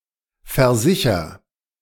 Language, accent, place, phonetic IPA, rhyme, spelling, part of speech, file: German, Germany, Berlin, [fɛɐ̯ˈzɪçɐ], -ɪçɐ, versicher, verb, De-versicher.ogg
- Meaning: inflection of versichern: 1. first-person singular present 2. singular imperative